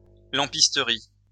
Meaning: a workshop where lamps are stored, maintained, repaired, and distributed (in a coalmine, factory, railway, etc.); a lamp room
- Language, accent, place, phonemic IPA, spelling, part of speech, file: French, France, Lyon, /lɑ̃.pis.tə.ʁi/, lampisterie, noun, LL-Q150 (fra)-lampisterie.wav